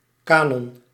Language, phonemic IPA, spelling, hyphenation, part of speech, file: Dutch, /ˈkaː.nɔn/, canon, ca‧non, noun, Nl-canon.ogg
- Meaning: canon (set of representative or pre-eminent literary works)